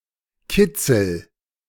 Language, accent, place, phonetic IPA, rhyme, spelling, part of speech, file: German, Germany, Berlin, [ˈkɪt͡sl̩], -ɪt͡sl̩, kitzel, verb, De-kitzel.ogg
- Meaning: inflection of kitzeln: 1. first-person singular present 2. singular imperative